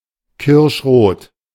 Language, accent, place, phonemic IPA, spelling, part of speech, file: German, Germany, Berlin, /ˈkɪʁʃʁoːt/, kirschrot, adjective, De-kirschrot.ogg
- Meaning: cherry red